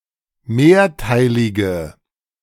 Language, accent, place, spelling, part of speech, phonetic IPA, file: German, Germany, Berlin, mehrteilige, adjective, [ˈmeːɐ̯ˌtaɪ̯lɪɡə], De-mehrteilige.ogg
- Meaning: inflection of mehrteilig: 1. strong/mixed nominative/accusative feminine singular 2. strong nominative/accusative plural 3. weak nominative all-gender singular